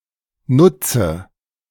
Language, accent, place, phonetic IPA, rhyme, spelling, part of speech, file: German, Germany, Berlin, [ˈnʊt͡sə], -ʊt͡sə, nutze, verb, De-nutze.ogg
- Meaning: 1. inflection of nutzen 2. inflection of nutzen: first-person singular present 3. inflection of nutzen: first/third-person singular subjunctive I 4. inflection of nutzen: singular imperative